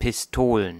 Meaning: plural of Pistole
- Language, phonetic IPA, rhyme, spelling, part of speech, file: German, [pɪsˈtoːlən], -oːlən, Pistolen, noun, De-Pistolen.ogg